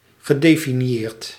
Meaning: past participle of definiëren
- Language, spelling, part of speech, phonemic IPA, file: Dutch, gedefinieerd, verb, /ɣəˌdefiniˈjert/, Nl-gedefinieerd.ogg